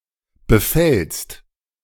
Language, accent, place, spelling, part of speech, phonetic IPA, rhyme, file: German, Germany, Berlin, befällst, verb, [bəˈfɛlst], -ɛlst, De-befällst.ogg
- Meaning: second-person singular present of befallen